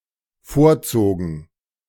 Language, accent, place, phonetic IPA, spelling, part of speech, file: German, Germany, Berlin, [ˈfoːɐ̯ˌt͡soːɡn̩], vorzogen, verb, De-vorzogen.ogg
- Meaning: first/third-person plural dependent preterite of vorziehen